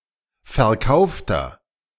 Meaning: inflection of verkauft: 1. strong/mixed nominative masculine singular 2. strong genitive/dative feminine singular 3. strong genitive plural
- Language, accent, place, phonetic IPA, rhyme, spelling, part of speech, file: German, Germany, Berlin, [fɛɐ̯ˈkaʊ̯ftɐ], -aʊ̯ftɐ, verkaufter, adjective, De-verkaufter.ogg